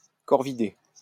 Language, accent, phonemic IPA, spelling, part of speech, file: French, France, /kɔʁ.vi.de/, corvidé, noun, LL-Q150 (fra)-corvidé.wav
- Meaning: corvid